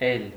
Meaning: 1. also, too 2. any more
- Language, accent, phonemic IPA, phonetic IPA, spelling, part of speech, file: Armenian, Eastern Armenian, /el/, [el], էլ, adverb, Hy-էլ.ogg